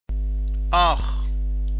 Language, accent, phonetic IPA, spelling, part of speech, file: Persian, Iran, [ʔɒːx], آخ, interjection, Fa-آخ.ogg
- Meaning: 1. ouch 2. ow